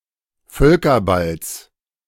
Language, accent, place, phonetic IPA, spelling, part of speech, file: German, Germany, Berlin, [ˈfœlkɐˌbals], Völkerballs, noun, De-Völkerballs.ogg
- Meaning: genitive of Völkerball